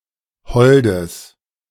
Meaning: strong/mixed nominative/accusative neuter singular of hold
- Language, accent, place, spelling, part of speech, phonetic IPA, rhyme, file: German, Germany, Berlin, holdes, adjective, [ˈhɔldəs], -ɔldəs, De-holdes.ogg